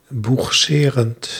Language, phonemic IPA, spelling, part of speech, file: Dutch, /buxˈserənt/, boegserend, verb, Nl-boegserend.ogg
- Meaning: present participle of boegseren